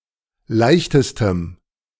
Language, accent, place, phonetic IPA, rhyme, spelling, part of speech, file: German, Germany, Berlin, [ˈlaɪ̯çtəstəm], -aɪ̯çtəstəm, leichtestem, adjective, De-leichtestem.ogg
- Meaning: strong dative masculine/neuter singular superlative degree of leicht